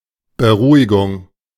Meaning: 1. reassurance, calming 2. sedation, pacification
- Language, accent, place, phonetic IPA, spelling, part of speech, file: German, Germany, Berlin, [bəˈʁuːɪɡʊŋ], Beruhigung, noun, De-Beruhigung.ogg